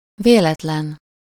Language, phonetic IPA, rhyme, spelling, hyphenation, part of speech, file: Hungarian, [ˈveːlɛtlɛn], -ɛn, véletlen, vé‧let‧len, adjective / adverb / noun, Hu-véletlen.ogg
- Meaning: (adjective) 1. unintentional 2. random, fortuitous; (adverb) synonym of véletlenül (“accidentally, by accident”); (noun) chance, coincidence